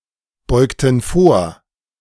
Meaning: inflection of vorbeugen: 1. first/third-person plural preterite 2. first/third-person plural subjunctive II
- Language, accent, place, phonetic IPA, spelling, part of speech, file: German, Germany, Berlin, [ˌbɔɪ̯ktn̩ ˈfoːɐ̯], beugten vor, verb, De-beugten vor.ogg